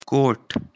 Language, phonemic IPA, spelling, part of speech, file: Pashto, /koʈ/, کوټ, noun, کوټ.ogg
- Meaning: 1. fort 2. stronghold 3. citadel, fortress 4. house, room 5. coat, overcoat 6. kind of alloy